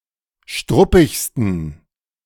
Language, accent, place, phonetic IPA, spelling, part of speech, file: German, Germany, Berlin, [ˈʃtʁʊpɪçstən], struppigsten, adjective, De-struppigsten.ogg
- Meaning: 1. superlative degree of struppig 2. inflection of struppig: strong genitive masculine/neuter singular superlative degree